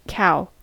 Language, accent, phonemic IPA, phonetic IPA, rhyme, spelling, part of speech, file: English, US, /kaʊ/, [kʰæʊː], -aʊ, cow, noun / verb, En-us-cow.ogg
- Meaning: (noun) An adult female of the species Bos taurus, especially one that has calved